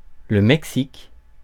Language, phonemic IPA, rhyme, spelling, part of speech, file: French, /mɛk.sik/, -ik, Mexique, proper noun, Fr-Mexique.ogg
- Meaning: Mexico (a country in North America)